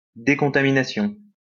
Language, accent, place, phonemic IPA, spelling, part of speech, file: French, France, Lyon, /de.kɔ̃.ta.mi.na.sjɔ̃/, décontamination, noun, LL-Q150 (fra)-décontamination.wav
- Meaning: decontamination